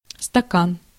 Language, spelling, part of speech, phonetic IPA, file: Russian, стакан, noun, [stɐˈkan], Ru-стакан.ogg
- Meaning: 1. glass, cup, beaker, tumbler (a cylindrical drinking vessel without a stem or handle) 2. beaker 3. cylindrical case, (hollow) cylinder